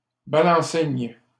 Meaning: topping lift
- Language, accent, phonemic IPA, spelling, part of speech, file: French, Canada, /ba.lɑ̃.sin/, balancine, noun, LL-Q150 (fra)-balancine.wav